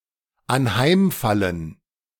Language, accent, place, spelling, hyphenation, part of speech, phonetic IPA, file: German, Germany, Berlin, anheimfallen, an‧heim‧fallen, verb, [anˈhaɪ̯mˌfalən], De-anheimfallen.ogg
- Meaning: 1. to fall victim 2. to become subject